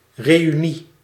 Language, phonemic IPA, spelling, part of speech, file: Dutch, /ˌrejyˈni/, reünie, noun, Nl-reünie.ogg
- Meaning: reunion